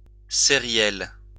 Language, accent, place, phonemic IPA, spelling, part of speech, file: French, France, Lyon, /se.ʁjɛl/, sériel, adjective, LL-Q150 (fra)-sériel.wav
- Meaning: series; serial